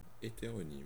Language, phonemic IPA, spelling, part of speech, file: French, /e.te.ʁɔ.nim/, hétéronyme, adjective / noun, Fr-hétéronyme.ogg
- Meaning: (adjective) heteronymous; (noun) heteronym (all meanings)